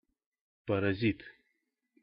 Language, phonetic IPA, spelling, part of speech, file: Russian, [pərɐˈzʲit], паразит, noun, Ru-паразит.ogg
- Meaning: 1. parasite (organism) 2. parasite (person) 3. bad person 4. filler word